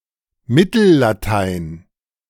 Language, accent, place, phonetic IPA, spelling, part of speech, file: German, Germany, Berlin, [ˈmɪtl̩laˌtaɪ̯n], Mittellatein, noun, De-Mittellatein.ogg
- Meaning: Medieval Latin (language)